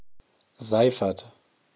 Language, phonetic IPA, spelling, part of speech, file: German, [ˈzaɪ̯fɐt], Seifert, proper noun, De-Seifert.ogg
- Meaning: a surname, derived from Siegfried